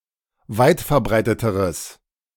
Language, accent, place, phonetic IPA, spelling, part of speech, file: German, Germany, Berlin, [ˈvaɪ̯tfɛɐ̯ˌbʁaɪ̯tətəʁəs], weitverbreiteteres, adjective, De-weitverbreiteteres.ogg
- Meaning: strong/mixed nominative/accusative neuter singular comparative degree of weitverbreitet